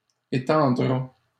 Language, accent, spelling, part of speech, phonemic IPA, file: French, Canada, étendra, verb, /e.tɑ̃.dʁa/, LL-Q150 (fra)-étendra.wav
- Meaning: third-person singular simple future of étendre